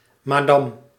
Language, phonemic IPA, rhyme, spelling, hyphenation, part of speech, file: Dutch, /maːˈdɑm/, -ɑm, madam, ma‧dam, noun, Nl-madam.ogg
- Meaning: 1. madam, lady 2. madam, female counterpart of a pimp